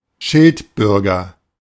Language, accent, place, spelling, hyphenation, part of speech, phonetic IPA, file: German, Germany, Berlin, Schildbürger, Schild‧bür‧ger, noun, [ˈʃɪltˌbʏʁɡɐ], De-Schildbürger.ogg
- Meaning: fool